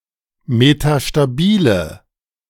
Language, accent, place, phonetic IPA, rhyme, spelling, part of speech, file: German, Germany, Berlin, [metaʃtaˈbiːlə], -iːlə, metastabile, adjective, De-metastabile.ogg
- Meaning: inflection of metastabil: 1. strong/mixed nominative/accusative feminine singular 2. strong nominative/accusative plural 3. weak nominative all-gender singular